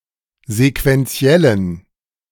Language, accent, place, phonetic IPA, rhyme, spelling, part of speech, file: German, Germany, Berlin, [zekvɛnˈt͡si̯ɛlən], -ɛlən, sequenziellen, adjective, De-sequenziellen.ogg
- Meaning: inflection of sequenziell: 1. strong genitive masculine/neuter singular 2. weak/mixed genitive/dative all-gender singular 3. strong/weak/mixed accusative masculine singular 4. strong dative plural